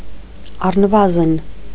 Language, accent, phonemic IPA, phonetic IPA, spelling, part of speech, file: Armenian, Eastern Armenian, /ɑrnəˈvɑzn/, [ɑrnəvɑ́zn], առնվազն, adverb, Hy-առնվազն.ogg
- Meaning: at least